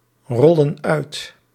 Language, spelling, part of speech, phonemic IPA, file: Dutch, rollen uit, verb, /ˈrɔlə(n) ˈœyt/, Nl-rollen uit.ogg
- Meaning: inflection of uitrollen: 1. plural present indicative 2. plural present subjunctive